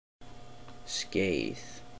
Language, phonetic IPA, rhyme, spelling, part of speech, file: Icelandic, [ˈsceiːð], -eiːð, skeið, noun, Is-skeið.oga
- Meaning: 1. a spoon 2. a spoonful, a spoon 3. a scabbard 4. a vagina 5. a period, a span 6. a run 7. a race 8. an amble, an easy gait